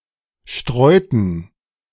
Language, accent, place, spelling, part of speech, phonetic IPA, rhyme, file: German, Germany, Berlin, streuten, verb, [ˈʃtʁɔɪ̯tn̩], -ɔɪ̯tn̩, De-streuten.ogg
- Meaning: inflection of streuen: 1. first/third-person plural preterite 2. first/third-person plural subjunctive II